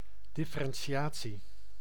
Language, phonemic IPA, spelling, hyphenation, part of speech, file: Dutch, /ˌdɪ.fə.rɛnˈ(t)ʃaː.(t)si/, differentiatie, dif‧fe‧ren‧ti‧a‧tie, noun, Nl-differentiatie.ogg
- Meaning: 1. differentiation (creation or arising of difference) 2. differentiation (differentiating, calculating the derivative)